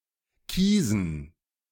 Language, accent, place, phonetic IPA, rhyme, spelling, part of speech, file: German, Germany, Berlin, [ˈkiːzn̩], -iːzn̩, Kiesen, noun, De-Kiesen.ogg
- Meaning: dative plural of Kies